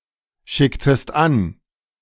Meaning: inflection of anschicken: 1. second-person singular preterite 2. second-person singular subjunctive II
- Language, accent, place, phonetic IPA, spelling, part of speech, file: German, Germany, Berlin, [ˌʃɪktəst ˈan], schicktest an, verb, De-schicktest an.ogg